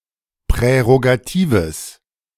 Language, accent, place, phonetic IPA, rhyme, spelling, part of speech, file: German, Germany, Berlin, [pʁɛʁoɡaˈtiːvəs], -iːvəs, prärogatives, adjective, De-prärogatives.ogg
- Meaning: strong/mixed nominative/accusative neuter singular of prärogativ